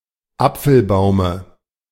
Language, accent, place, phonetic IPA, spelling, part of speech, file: German, Germany, Berlin, [ˈap͡fl̩ˌbaʊ̯mə], Apfelbaume, noun, De-Apfelbaume.ogg
- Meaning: dative singular of Apfelbaum